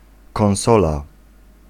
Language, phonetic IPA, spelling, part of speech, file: Polish, [kɔ̃w̃ˈsɔla], konsola, noun, Pl-konsola.ogg